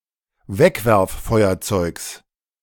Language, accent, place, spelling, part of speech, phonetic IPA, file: German, Germany, Berlin, Wegwerffeuerzeugs, noun, [ˈvɛkvɛʁfˌfɔɪ̯ɐt͡sɔɪ̯ks], De-Wegwerffeuerzeugs.ogg
- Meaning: genitive singular of Wegwerffeuerzeug